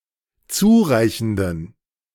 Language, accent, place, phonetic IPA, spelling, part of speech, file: German, Germany, Berlin, [ˈt͡suːˌʁaɪ̯çn̩dən], zureichenden, adjective, De-zureichenden.ogg
- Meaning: inflection of zureichend: 1. strong genitive masculine/neuter singular 2. weak/mixed genitive/dative all-gender singular 3. strong/weak/mixed accusative masculine singular 4. strong dative plural